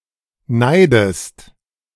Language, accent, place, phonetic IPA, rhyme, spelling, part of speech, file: German, Germany, Berlin, [ˈnaɪ̯dəst], -aɪ̯dəst, neidest, verb, De-neidest.ogg
- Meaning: inflection of neiden: 1. second-person singular present 2. second-person singular subjunctive I